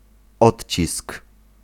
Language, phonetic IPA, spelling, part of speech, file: Polish, [ˈɔtʲt͡ɕisk], odcisk, noun, Pl-odcisk.ogg